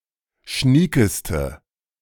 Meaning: inflection of schnieke: 1. strong/mixed nominative/accusative feminine singular superlative degree 2. strong nominative/accusative plural superlative degree
- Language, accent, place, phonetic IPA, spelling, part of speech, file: German, Germany, Berlin, [ˈʃniːkəstə], schniekeste, adjective, De-schniekeste.ogg